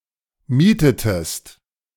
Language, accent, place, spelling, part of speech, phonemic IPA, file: German, Germany, Berlin, mietetest, verb, /ˈmiːtətəst/, De-mietetest.ogg
- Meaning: inflection of mieten: 1. second-person singular preterite 2. second-person singular subjunctive II